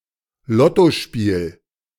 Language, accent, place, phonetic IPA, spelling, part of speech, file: German, Germany, Berlin, [ˈlɔtoˌʃpiːl], Lottospiel, noun, De-Lottospiel.ogg
- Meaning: lotto game, lottery